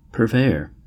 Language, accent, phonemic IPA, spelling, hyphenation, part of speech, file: English, General American, /pəɹˈveɪəɹ/, purveyor, pur‧vey‧or, noun, En-us-purveyor.ogg
- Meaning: One who purveys (“furnishes, provides; gets, procures”); a supplier; specifically, one in the business of supplying food or other necessary material goods; a provisioner